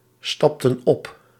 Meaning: inflection of opstappen: 1. plural past indicative 2. plural past subjunctive
- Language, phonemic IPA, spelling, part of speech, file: Dutch, /ˈstɑptə(n) ˈɔp/, stapten op, verb, Nl-stapten op.ogg